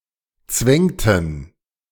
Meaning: inflection of zwängen: 1. first/third-person plural preterite 2. first/third-person plural subjunctive II
- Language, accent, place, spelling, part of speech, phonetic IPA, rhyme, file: German, Germany, Berlin, zwängten, verb, [ˈt͡svɛŋtn̩], -ɛŋtn̩, De-zwängten.ogg